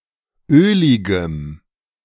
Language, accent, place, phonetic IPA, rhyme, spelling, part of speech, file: German, Germany, Berlin, [ˈøːlɪɡəm], -øːlɪɡəm, öligem, adjective, De-öligem.ogg
- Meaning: strong dative masculine/neuter singular of ölig